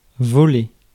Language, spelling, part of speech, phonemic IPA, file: French, voler, verb, /vɔ.le/, Fr-voler.ogg
- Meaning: 1. to fly through the air 2. to pursue flying 3. to scarper, flee 4. to steal, rob